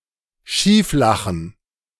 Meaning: to crack up, to laugh one's head off
- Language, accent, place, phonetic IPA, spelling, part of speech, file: German, Germany, Berlin, [ˈʃiːfˌlaxn̩], schieflachen, verb, De-schieflachen.ogg